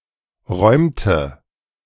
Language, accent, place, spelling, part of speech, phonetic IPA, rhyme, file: German, Germany, Berlin, räumte, verb, [ˈʁɔɪ̯mtə], -ɔɪ̯mtə, De-räumte.ogg
- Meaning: inflection of räumen: 1. first/third-person singular preterite 2. first/third-person singular subjunctive II